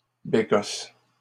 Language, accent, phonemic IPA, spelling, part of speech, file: French, Canada, /be.kɔs/, bécosse, noun, LL-Q150 (fra)-bécosse.wav
- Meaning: singular of bécosses